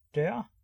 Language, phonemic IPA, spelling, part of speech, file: Danish, /dœːr/, dør, noun, Da-dør.ogg
- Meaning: door